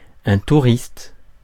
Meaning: 1. tourist, holidaymaker, sightseer (someone who travels for pleasure rather than for business) 2. tourist (someone who takes part in something without much commitment)
- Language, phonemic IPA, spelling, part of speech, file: French, /tu.ʁist/, touriste, noun, Fr-touriste.ogg